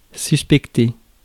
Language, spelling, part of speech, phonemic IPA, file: French, suspecter, verb, /sys.pɛk.te/, Fr-suspecter.ogg
- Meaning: to suspect